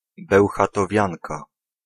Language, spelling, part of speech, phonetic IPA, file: Polish, bełchatowianka, noun, [ˌbɛwxatɔˈvʲjãnka], Pl-bełchatowianka.ogg